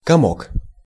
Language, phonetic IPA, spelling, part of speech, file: Russian, [kɐˈmok], комок, noun, Ru-комок.ogg
- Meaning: 1. lump, wad 2. spasm in the throat or chest